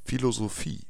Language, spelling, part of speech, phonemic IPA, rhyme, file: German, Philosophie, noun, /filozoˈfiː/, -iː, DE-Philosophie.ogg
- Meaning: 1. philosophy (study of thought) 2. philosophy (study of thought): name of the school subject taken by pupils who choose not to attend religious education 3. philosophy (one's manner of thinking)